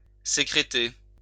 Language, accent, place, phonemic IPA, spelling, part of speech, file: French, France, Lyon, /se.kʁe.te/, sécréter, verb, LL-Q150 (fra)-sécréter.wav
- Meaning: to secrete